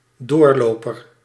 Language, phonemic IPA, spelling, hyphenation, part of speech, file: Dutch, /ˈdoːrˌloː.pər/, doorloper, door‧lo‧per, noun, Nl-doorloper.ogg